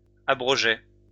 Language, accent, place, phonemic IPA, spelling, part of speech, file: French, France, Lyon, /a.bʁɔ.ʒɛ/, abrogeais, verb, LL-Q150 (fra)-abrogeais.wav
- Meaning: first/second-person singular imperfect indicative of abroger